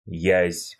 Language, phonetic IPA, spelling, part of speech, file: Russian, [jæsʲ], язь, noun, Ru-язь.ogg
- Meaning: ide (fish)